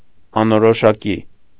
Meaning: indefinite, indistinct, vague
- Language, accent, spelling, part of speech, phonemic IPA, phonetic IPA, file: Armenian, Eastern Armenian, անորոշակի, adjective, /ɑnoɾoʃɑˈki/, [ɑnoɾoʃɑkí], Hy-անորոշակի.ogg